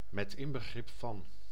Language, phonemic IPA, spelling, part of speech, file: Dutch, /mɛtˈɪmbəˌɣrɪpfɑn/, met inbegrip van, preposition, Nl-met inbegrip van.ogg
- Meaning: including